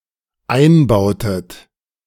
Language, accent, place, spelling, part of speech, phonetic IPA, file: German, Germany, Berlin, einbautet, verb, [ˈaɪ̯nˌbaʊ̯tət], De-einbautet.ogg
- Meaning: inflection of einbauen: 1. second-person plural dependent preterite 2. second-person plural dependent subjunctive II